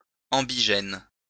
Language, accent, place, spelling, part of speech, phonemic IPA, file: French, France, Lyon, ambigène, adjective, /ɑ̃.bi.ʒɛn/, LL-Q150 (fra)-ambigène.wav
- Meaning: ambigenous